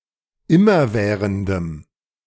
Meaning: strong dative masculine/neuter singular of immerwährend
- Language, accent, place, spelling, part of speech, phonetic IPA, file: German, Germany, Berlin, immerwährendem, adjective, [ˈɪmɐˌvɛːʁəndəm], De-immerwährendem.ogg